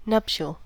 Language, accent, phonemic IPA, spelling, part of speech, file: English, US, /ˈnʌp.ʃəl/, nuptial, adjective, En-us-nuptial.ogg
- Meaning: 1. Of or pertaining to wedding and marriage 2. Capable, or characteristic, of breeding